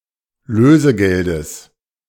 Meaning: genitive singular of Lösegeld
- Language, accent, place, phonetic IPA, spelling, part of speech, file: German, Germany, Berlin, [ˈløːzəˌɡɛldəs], Lösegeldes, noun, De-Lösegeldes.ogg